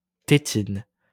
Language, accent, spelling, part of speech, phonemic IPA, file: French, France, tétine, noun, /te.tin/, LL-Q150 (fra)-tétine.wav
- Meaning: 1. teat (of a cow or sow) 2. teat (of a woman) 3. teat (of a baby's bottle) 4. dummy, pacifier